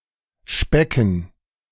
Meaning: dative plural of Speck
- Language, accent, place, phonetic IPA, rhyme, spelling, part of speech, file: German, Germany, Berlin, [ˈʃpɛkn̩], -ɛkn̩, Specken, noun, De-Specken.ogg